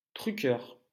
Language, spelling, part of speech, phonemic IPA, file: French, truqueur, noun, /tʁy.kœʁ/, LL-Q150 (fra)-truqueur.wav
- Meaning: trickster